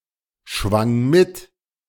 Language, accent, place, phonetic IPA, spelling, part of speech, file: German, Germany, Berlin, [ˌʃvaŋ ˈmɪt], schwang mit, verb, De-schwang mit.ogg
- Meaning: first/third-person singular preterite of mitschwingen